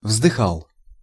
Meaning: masculine singular past indicative imperfective of вздыха́ть (vzdyxátʹ)
- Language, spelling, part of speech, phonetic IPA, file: Russian, вздыхал, verb, [vzdɨˈxaɫ], Ru-вздыхал.ogg